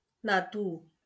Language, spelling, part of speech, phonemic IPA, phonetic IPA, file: Marathi, नातू, noun, /na.t̪u/, [na.t̪uː], LL-Q1571 (mar)-नातू.wav
- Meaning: grandson (male or female line)